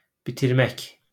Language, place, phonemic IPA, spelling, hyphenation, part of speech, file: Azerbaijani, Baku, /bitirˈmæk/, bitirmək, bi‧tir‧mək, verb, LL-Q9292 (aze)-bitirmək.wav
- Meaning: 1. to cultivate, grow 2. to complete, to finish